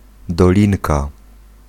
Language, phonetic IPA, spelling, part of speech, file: Polish, [dɔˈlʲĩnka], dolinka, noun, Pl-dolinka.ogg